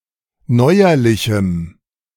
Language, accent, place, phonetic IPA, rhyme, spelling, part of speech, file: German, Germany, Berlin, [ˈnɔɪ̯ɐlɪçm̩], -ɔɪ̯ɐlɪçm̩, neuerlichem, adjective, De-neuerlichem.ogg
- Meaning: strong dative masculine/neuter singular of neuerlich